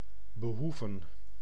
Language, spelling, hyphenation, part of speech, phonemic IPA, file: Dutch, behoeven, be‧hoe‧ven, verb, /bəˈɦuvə(n)/, Nl-behoeven.ogg
- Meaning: to need